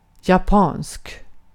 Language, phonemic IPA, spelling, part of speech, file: Swedish, /jaˈpɑːnsk/, japansk, adjective, Sv-japansk.ogg
- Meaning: Japanese (of, from, or pertaining to Japan)